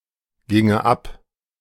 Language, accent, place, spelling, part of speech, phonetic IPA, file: German, Germany, Berlin, ginge ab, verb, [ˌɡɪŋə ˈap], De-ginge ab.ogg
- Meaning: first/third-person singular subjunctive II of abgehen